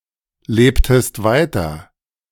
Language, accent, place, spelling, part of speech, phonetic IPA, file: German, Germany, Berlin, lebtest weiter, verb, [ˌleːptəst ˈvaɪ̯tɐ], De-lebtest weiter.ogg
- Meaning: inflection of weiterleben: 1. second-person singular preterite 2. second-person singular subjunctive II